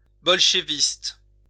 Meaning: Bolshevik
- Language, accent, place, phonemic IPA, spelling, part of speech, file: French, France, Lyon, /bɔl.ʃə.vist/, bolcheviste, noun, LL-Q150 (fra)-bolcheviste.wav